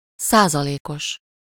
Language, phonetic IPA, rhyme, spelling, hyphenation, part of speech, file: Hungarian, [ˈsaːzɒleːkoʃ], -oʃ, százalékos, szá‧za‧lé‧kos, adjective, Hu-százalékos.ogg
- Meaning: percentile, percentage, percent